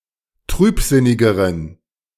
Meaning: inflection of trübsinnig: 1. strong genitive masculine/neuter singular comparative degree 2. weak/mixed genitive/dative all-gender singular comparative degree
- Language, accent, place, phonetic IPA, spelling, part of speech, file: German, Germany, Berlin, [ˈtʁyːpˌzɪnɪɡəʁən], trübsinnigeren, adjective, De-trübsinnigeren.ogg